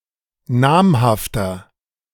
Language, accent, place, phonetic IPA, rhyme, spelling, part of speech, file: German, Germany, Berlin, [ˈnaːmhaftɐ], -aːmhaftɐ, namhafter, adjective, De-namhafter.ogg
- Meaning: inflection of namhaft: 1. strong/mixed nominative masculine singular 2. strong genitive/dative feminine singular 3. strong genitive plural